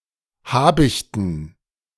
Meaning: dative plural of Habicht
- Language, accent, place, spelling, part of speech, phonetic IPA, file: German, Germany, Berlin, Habichten, noun, [ˈhaːbɪçtn̩], De-Habichten.ogg